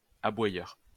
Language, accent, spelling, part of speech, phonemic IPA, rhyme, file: French, France, aboyeur, adjective / noun, /a.bwa.jœʁ/, -jœʁ, LL-Q150 (fra)-aboyeur.wav
- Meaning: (adjective) Which barks or makes a sound like barking; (noun) someone whose job or involves crying out at people